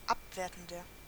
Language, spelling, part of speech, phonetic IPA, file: German, abwertender, adjective, [ˈapˌveːɐ̯tn̩dɐ], De-abwertender.ogg
- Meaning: 1. comparative degree of abwertend 2. inflection of abwertend: strong/mixed nominative masculine singular 3. inflection of abwertend: strong genitive/dative feminine singular